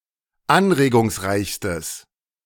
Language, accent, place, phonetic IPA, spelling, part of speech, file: German, Germany, Berlin, [ˈanʁeːɡʊŋsˌʁaɪ̯çstəs], anregungsreichstes, adjective, De-anregungsreichstes.ogg
- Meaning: strong/mixed nominative/accusative neuter singular superlative degree of anregungsreich